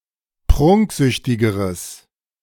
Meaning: strong/mixed nominative/accusative neuter singular comparative degree of prunksüchtig
- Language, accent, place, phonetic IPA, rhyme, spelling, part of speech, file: German, Germany, Berlin, [ˈpʁʊŋkˌzʏçtɪɡəʁəs], -ʊŋkzʏçtɪɡəʁəs, prunksüchtigeres, adjective, De-prunksüchtigeres.ogg